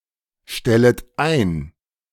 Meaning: second-person plural subjunctive I of einstellen
- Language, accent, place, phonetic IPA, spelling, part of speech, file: German, Germany, Berlin, [ˌʃtɛlət ˈaɪ̯n], stellet ein, verb, De-stellet ein.ogg